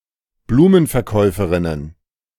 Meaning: plural of Blumenverkäuferin
- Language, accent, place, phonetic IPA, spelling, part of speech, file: German, Germany, Berlin, [ˈbluːmənfɛɐ̯ˌkɔɪ̯fəʁɪnən], Blumenverkäuferinnen, noun, De-Blumenverkäuferinnen.ogg